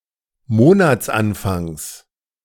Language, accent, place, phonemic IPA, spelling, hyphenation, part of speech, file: German, Germany, Berlin, /ˈmoːnat͡sˌanfaŋs/, Monatsanfangs, Mo‧nats‧an‧fangs, noun, De-Monatsanfangs.ogg
- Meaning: genitive singular of Monatsanfang